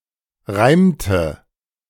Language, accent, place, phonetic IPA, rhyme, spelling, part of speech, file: German, Germany, Berlin, [ˈʁaɪ̯mtə], -aɪ̯mtə, reimte, verb, De-reimte.ogg
- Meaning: inflection of reimen: 1. first/third-person singular preterite 2. first/third-person singular subjunctive II